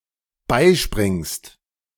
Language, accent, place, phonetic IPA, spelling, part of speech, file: German, Germany, Berlin, [ˈbaɪ̯ˌʃpʁɪŋst], beispringst, verb, De-beispringst.ogg
- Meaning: second-person singular dependent present of beispringen